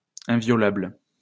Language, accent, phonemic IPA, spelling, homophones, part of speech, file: French, France, /ɛ̃.vjɔ.labl/, inviolable, inviolables, adjective, LL-Q150 (fra)-inviolable.wav
- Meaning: inviolable